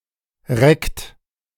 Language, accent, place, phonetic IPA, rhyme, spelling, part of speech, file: German, Germany, Berlin, [ʁɛkt], -ɛkt, reckt, verb, De-reckt.ogg
- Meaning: inflection of recken: 1. third-person singular present 2. second-person plural present 3. plural imperative